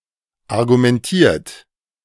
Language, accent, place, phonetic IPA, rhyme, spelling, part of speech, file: German, Germany, Berlin, [aʁɡumɛnˈtiːɐ̯t], -iːɐ̯t, argumentiert, verb, De-argumentiert.ogg
- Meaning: 1. past participle of argumentieren 2. inflection of argumentieren: second-person plural present 3. inflection of argumentieren: third-person singular present